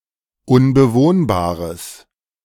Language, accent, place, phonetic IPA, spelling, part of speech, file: German, Germany, Berlin, [ʊnbəˈvoːnbaːʁəs], unbewohnbares, adjective, De-unbewohnbares.ogg
- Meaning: strong/mixed nominative/accusative neuter singular of unbewohnbar